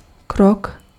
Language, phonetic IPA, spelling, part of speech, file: Czech, [ˈkrok], krok, noun, Cs-krok.ogg
- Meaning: step, pace